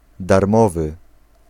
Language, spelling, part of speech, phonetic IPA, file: Polish, darmowy, adjective, [darˈmɔvɨ], Pl-darmowy.ogg